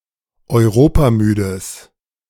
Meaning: strong/mixed nominative/accusative neuter singular of europamüde
- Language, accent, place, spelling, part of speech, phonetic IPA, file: German, Germany, Berlin, europamüdes, adjective, [ɔɪ̯ˈʁoːpaˌmyːdəs], De-europamüdes.ogg